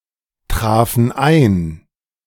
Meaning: first/third-person plural preterite of eintreffen
- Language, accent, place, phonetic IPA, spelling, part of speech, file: German, Germany, Berlin, [ˌtʁaːfn̩ ˈaɪ̯n], trafen ein, verb, De-trafen ein.ogg